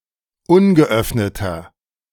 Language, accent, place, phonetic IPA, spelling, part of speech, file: German, Germany, Berlin, [ˈʊnɡəˌʔœfnətɐ], ungeöffneter, adjective, De-ungeöffneter.ogg
- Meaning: inflection of ungeöffnet: 1. strong/mixed nominative masculine singular 2. strong genitive/dative feminine singular 3. strong genitive plural